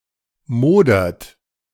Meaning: inflection of modern: 1. third-person singular present 2. second-person plural present 3. plural imperative
- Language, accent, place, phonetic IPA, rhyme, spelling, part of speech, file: German, Germany, Berlin, [ˈmoːdɐt], -oːdɐt, modert, verb, De-modert.ogg